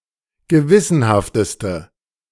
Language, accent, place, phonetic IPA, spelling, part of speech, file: German, Germany, Berlin, [ɡəˈvɪsənhaftəstə], gewissenhafteste, adjective, De-gewissenhafteste.ogg
- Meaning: inflection of gewissenhaft: 1. strong/mixed nominative/accusative feminine singular superlative degree 2. strong nominative/accusative plural superlative degree